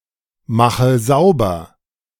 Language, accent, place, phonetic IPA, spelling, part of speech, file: German, Germany, Berlin, [ˌmaxə ˈzaʊ̯bɐ], mache sauber, verb, De-mache sauber.ogg
- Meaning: inflection of saubermachen: 1. first-person singular present 2. first/third-person singular subjunctive I 3. singular imperative